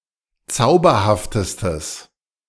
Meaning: strong/mixed nominative/accusative neuter singular superlative degree of zauberhaft
- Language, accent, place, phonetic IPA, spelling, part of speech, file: German, Germany, Berlin, [ˈt͡saʊ̯bɐhaftəstəs], zauberhaftestes, adjective, De-zauberhaftestes.ogg